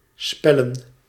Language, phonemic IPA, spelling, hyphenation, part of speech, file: Dutch, /ˈspɛ.lə(n)/, spellen, spel‧len, verb / noun, Nl-spellen.ogg
- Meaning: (verb) to spell; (noun) plural of spel (“game in general”)